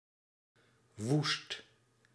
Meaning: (adjective) 1. wild, savage, feral, ferocious, furious 2. inhospitable, rough, wild; (poetic) desolate; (adverb) very, crazy, wildly
- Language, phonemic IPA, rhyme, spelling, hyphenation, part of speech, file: Dutch, /ʋust/, -ust, woest, woest, adjective / adverb, Nl-woest.ogg